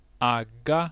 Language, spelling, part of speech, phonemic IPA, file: Korean, ㄱ, character, /k/, Voiced velar plosive.ogg
- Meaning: The first jamo (letter) of the Korean alphabet, called 기역 (giyeok) or 기윽 (gieuk), and written in the Hangul script